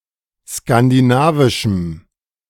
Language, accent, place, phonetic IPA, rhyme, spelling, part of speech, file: German, Germany, Berlin, [skandiˈnaːvɪʃm̩], -aːvɪʃm̩, skandinavischem, adjective, De-skandinavischem.ogg
- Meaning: strong dative masculine/neuter singular of skandinavisch